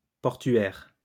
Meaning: port
- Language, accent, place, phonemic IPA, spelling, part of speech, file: French, France, Lyon, /pɔʁ.tɥɛʁ/, portuaire, adjective, LL-Q150 (fra)-portuaire.wav